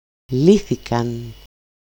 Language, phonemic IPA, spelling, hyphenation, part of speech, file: Greek, /ˈliθikan/, λύθηκαν, λύ‧θη‧καν, verb, El-λύθηκαν.ogg
- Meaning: third-person plural simple past passive indicative of λύνω (lýno)